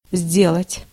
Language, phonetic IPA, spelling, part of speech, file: Russian, [ˈzʲdʲeɫətʲ], сделать, verb, Ru-сделать.ogg
- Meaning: to make, to do